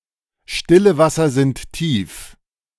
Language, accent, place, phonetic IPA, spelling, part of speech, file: German, Germany, Berlin, [ˌʃtɪlə ˈvasɐ zɪnt ˈtiːf], stille Wasser sind tief, phrase, De-stille Wasser sind tief.ogg
- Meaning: still waters run deep